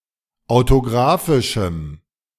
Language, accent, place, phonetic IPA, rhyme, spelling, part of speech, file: German, Germany, Berlin, [aʊ̯toˈɡʁaːfɪʃm̩], -aːfɪʃm̩, autographischem, adjective, De-autographischem.ogg
- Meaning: strong dative masculine/neuter singular of autographisch